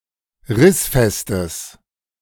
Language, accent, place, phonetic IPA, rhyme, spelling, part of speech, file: German, Germany, Berlin, [ˈʁɪsfɛstəs], -ɪsfɛstəs, rissfestes, adjective, De-rissfestes.ogg
- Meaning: strong/mixed nominative/accusative neuter singular of rissfest